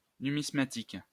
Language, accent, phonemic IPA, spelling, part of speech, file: French, France, /ny.mis.ma.tik/, numismatique, adjective / noun, LL-Q150 (fra)-numismatique.wav
- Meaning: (adjective) currency, coin; numismatic; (noun) numismatics (study of coins)